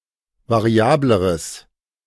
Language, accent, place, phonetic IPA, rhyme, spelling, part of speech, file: German, Germany, Berlin, [vaˈʁi̯aːbləʁəs], -aːbləʁəs, variableres, adjective, De-variableres.ogg
- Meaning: strong/mixed nominative/accusative neuter singular comparative degree of variabel